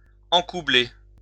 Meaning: 1. to trip, stumble 2. to trip over something
- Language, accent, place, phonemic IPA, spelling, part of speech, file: French, France, Lyon, /ɑ̃.ku.ble/, encoubler, verb, LL-Q150 (fra)-encoubler.wav